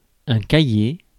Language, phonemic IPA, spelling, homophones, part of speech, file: French, /ka.je/, cahier, cailler, noun, Fr-cahier.ogg
- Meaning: 1. notebook, exercise book 2. quire